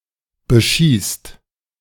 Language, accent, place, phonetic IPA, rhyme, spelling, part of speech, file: German, Germany, Berlin, [bəˈʃiːst], -iːst, beschießt, verb, De-beschießt.ogg
- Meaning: inflection of beschießen: 1. second-person plural present 2. plural imperative